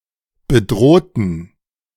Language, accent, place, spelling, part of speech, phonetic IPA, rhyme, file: German, Germany, Berlin, bedrohten, adjective / verb, [bəˈdʁoːtn̩], -oːtn̩, De-bedrohten.ogg
- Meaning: inflection of bedroht: 1. strong genitive masculine/neuter singular 2. weak/mixed genitive/dative all-gender singular 3. strong/weak/mixed accusative masculine singular 4. strong dative plural